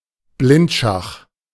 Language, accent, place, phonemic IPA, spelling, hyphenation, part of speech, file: German, Germany, Berlin, /ˈblɪntˌʃax/, Blindschach, Blind‧schach, noun, De-Blindschach.ogg
- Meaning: blindfold chess